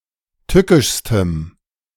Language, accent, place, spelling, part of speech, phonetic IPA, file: German, Germany, Berlin, tückischstem, adjective, [ˈtʏkɪʃstəm], De-tückischstem.ogg
- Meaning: strong dative masculine/neuter singular superlative degree of tückisch